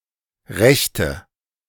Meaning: inflection of recht: 1. strong/mixed nominative/accusative feminine singular 2. strong nominative/accusative plural 3. weak nominative all-gender singular 4. weak accusative feminine/neuter singular
- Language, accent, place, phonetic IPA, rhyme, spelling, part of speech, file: German, Germany, Berlin, [ˈʁɛçtə], -ɛçtə, rechte, adjective / verb, De-rechte.ogg